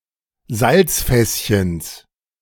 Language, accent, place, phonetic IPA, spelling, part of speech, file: German, Germany, Berlin, [ˈzalt͡sˌfɛsçəns], Salzfässchens, noun, De-Salzfässchens.ogg
- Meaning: genitive singular of Salzfässchen